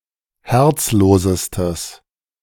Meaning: strong/mixed nominative/accusative neuter singular superlative degree of herzlos
- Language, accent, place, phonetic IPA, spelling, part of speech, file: German, Germany, Berlin, [ˈhɛʁt͡sˌloːzəstəs], herzlosestes, adjective, De-herzlosestes.ogg